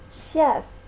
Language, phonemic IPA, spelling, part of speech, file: French, /ʃjas/, chiasse, noun / verb, Fr-chiasse.ogg
- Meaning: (noun) 1. the runs, diarrhoea 2. vexation, pain, annoyance; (verb) first-person singular imperfect subjunctive of chier